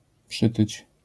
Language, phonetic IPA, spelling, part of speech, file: Polish, [ˈpʃɨtɨt͡ɕ], przytyć, verb, LL-Q809 (pol)-przytyć.wav